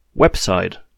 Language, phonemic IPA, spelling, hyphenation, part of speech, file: German, /ˈvɛpˌzaɪ̯t/, Website, Web‧site, noun, De-Website.oga
- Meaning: website